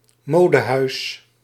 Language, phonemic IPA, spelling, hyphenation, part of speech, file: Dutch, /ˈmoː.dəˌɦœy̯s/, modehuis, mo‧de‧huis, noun, Nl-modehuis.ogg
- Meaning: 1. a fashion boutique 2. a fashion brand, a business that designs or produces fashionable clothing and miscellanea